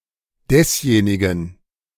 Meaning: 1. genitive masculine singular of derjenige 2. genitive neuter singular of derjenige
- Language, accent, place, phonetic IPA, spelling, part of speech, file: German, Germany, Berlin, [ˈdɛsˌjeːnɪɡn̩], desjenigen, determiner, De-desjenigen.ogg